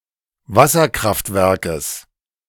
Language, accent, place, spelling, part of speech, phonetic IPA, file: German, Germany, Berlin, Wasserkraftwerkes, noun, [ˈvasɐˌkʁaftvɛʁkəs], De-Wasserkraftwerkes.ogg
- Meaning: genitive singular of Wasserkraftwerk